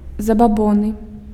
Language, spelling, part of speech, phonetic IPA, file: Belarusian, забабоны, noun, [zabaˈbonɨ], Be-забабоны.ogg
- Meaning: superstition